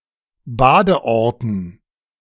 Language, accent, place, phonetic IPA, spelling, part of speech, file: German, Germany, Berlin, [ˈbaːdəˌʔɔʁtn̩], Badeorten, noun, De-Badeorten.ogg
- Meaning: dative plural of Badeort